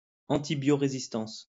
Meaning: antibioresistance
- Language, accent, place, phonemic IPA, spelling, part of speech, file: French, France, Lyon, /ɑ̃.ti.bjo.ʁe.zis.tɑ̃s/, antibiorésistance, noun, LL-Q150 (fra)-antibiorésistance.wav